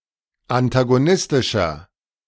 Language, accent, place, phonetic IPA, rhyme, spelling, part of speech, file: German, Germany, Berlin, [antaɡoˈnɪstɪʃɐ], -ɪstɪʃɐ, antagonistischer, adjective, De-antagonistischer.ogg
- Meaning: 1. comparative degree of antagonistisch 2. inflection of antagonistisch: strong/mixed nominative masculine singular 3. inflection of antagonistisch: strong genitive/dative feminine singular